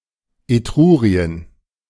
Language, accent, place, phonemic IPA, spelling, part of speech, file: German, Germany, Berlin, /eˈtʁuːʁi̯ən/, Etrurien, proper noun, De-Etrurien.ogg
- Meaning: Etruria (an ancient country in Italian Peninsula, located between the Arno and Tiber rivers, corresponding to modern day Tuscany in Western Italy; the home of Etruscans)